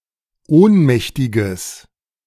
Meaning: strong/mixed nominative/accusative neuter singular of ohnmächtig
- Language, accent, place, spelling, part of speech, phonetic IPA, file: German, Germany, Berlin, ohnmächtiges, adjective, [ˈoːnˌmɛçtɪɡəs], De-ohnmächtiges.ogg